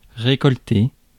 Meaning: to harvest (to reap)
- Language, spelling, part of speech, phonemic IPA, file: French, récolter, verb, /ʁe.kɔl.te/, Fr-récolter.ogg